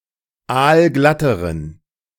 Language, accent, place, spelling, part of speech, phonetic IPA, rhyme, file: German, Germany, Berlin, aalglatteren, adjective, [ˈaːlˈɡlatəʁən], -atəʁən, De-aalglatteren.ogg
- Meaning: inflection of aalglatt: 1. strong genitive masculine/neuter singular comparative degree 2. weak/mixed genitive/dative all-gender singular comparative degree